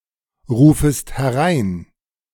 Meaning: second-person singular subjunctive I of hereinrufen
- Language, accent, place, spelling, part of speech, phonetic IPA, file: German, Germany, Berlin, rufest herein, verb, [ˌʁuːfəst hɛˈʁaɪ̯n], De-rufest herein.ogg